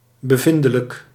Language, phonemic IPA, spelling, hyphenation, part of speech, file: Dutch, /bəˈvɪn.də.lək/, bevindelijk, be‧vin‧de‧lijk, adjective, Nl-bevindelijk.ogg
- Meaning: 1. of or pertaining to certain conservative orthodox (sections of) Reformed churches that emphasise strict scriptural authority and a passive experiential mysticism; ultraorthodox 2. experiential